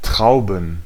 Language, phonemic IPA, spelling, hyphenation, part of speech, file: German, /ˈtʁaʊ̯bən/, Trauben, Trau‧ben, noun, De-Trauben.ogg
- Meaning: plural of Traube